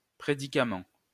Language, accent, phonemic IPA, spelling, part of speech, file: French, France, /pʁe.di.ka.mɑ̃/, prédicament, noun, LL-Q150 (fra)-prédicament.wav
- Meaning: predication